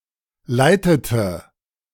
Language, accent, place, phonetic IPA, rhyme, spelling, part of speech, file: German, Germany, Berlin, [ˈlaɪ̯tətə], -aɪ̯tətə, leitete, verb, De-leitete.ogg
- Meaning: inflection of leiten: 1. first/third-person singular preterite 2. first/third-person singular subjunctive II